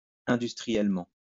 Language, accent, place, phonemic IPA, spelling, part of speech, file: French, France, Lyon, /ɛ̃.dys.tʁi.jɛl.mɑ̃/, industriellement, adverb, LL-Q150 (fra)-industriellement.wav
- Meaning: industrially